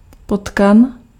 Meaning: Norway rat, brown rat
- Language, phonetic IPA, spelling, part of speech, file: Czech, [ˈpotkan], potkan, noun, Cs-potkan.ogg